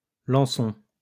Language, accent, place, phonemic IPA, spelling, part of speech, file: French, France, Lyon, /lɑ̃.sɔ̃/, lançons, verb, LL-Q150 (fra)-lançons.wav
- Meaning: inflection of lancer: 1. first-person plural present indicative 2. first-person plural imperative